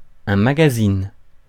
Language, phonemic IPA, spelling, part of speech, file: French, /ma.ɡa.zin/, magazine, noun, Fr-magazine.ogg
- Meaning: magazine (periodical publication)